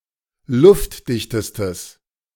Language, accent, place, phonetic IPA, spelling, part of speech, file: German, Germany, Berlin, [ˈlʊftˌdɪçtəstəs], luftdichtestes, adjective, De-luftdichtestes.ogg
- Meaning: strong/mixed nominative/accusative neuter singular superlative degree of luftdicht